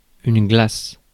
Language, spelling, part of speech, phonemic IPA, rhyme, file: French, glace, noun / verb, /ɡlas/, -as, Fr-glace.ogg
- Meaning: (noun) 1. ice 2. ice cream 3. glass 4. mirror; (verb) inflection of glacer: 1. first/third-person singular present indicative/subjunctive 2. second-person singular imperative